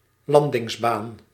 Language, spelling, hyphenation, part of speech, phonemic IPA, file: Dutch, landingsbaan, lan‧dings‧baan, noun, /ˈlandɪŋzˌban/, Nl-landingsbaan.ogg
- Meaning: a runway, landing strip